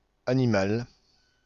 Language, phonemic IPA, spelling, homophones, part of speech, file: French, /a.ni.mal/, animal, animale / animales, noun / adjective, Fr-animal.ogg
- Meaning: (noun) animal